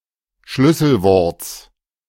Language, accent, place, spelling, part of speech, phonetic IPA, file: German, Germany, Berlin, Schlüsselworts, noun, [ˈʃlʏsl̩ˌvɔʁt͡s], De-Schlüsselworts.ogg
- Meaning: genitive singular of Schlüsselwort